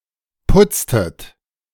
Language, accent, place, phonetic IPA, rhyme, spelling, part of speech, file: German, Germany, Berlin, [ˈpʊt͡stət], -ʊt͡stət, putztet, verb, De-putztet.ogg
- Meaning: inflection of putzen: 1. second-person plural preterite 2. second-person plural subjunctive II